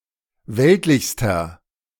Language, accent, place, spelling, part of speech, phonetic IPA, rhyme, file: German, Germany, Berlin, weltlichster, adjective, [ˈvɛltlɪçstɐ], -ɛltlɪçstɐ, De-weltlichster.ogg
- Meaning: inflection of weltlich: 1. strong/mixed nominative masculine singular superlative degree 2. strong genitive/dative feminine singular superlative degree 3. strong genitive plural superlative degree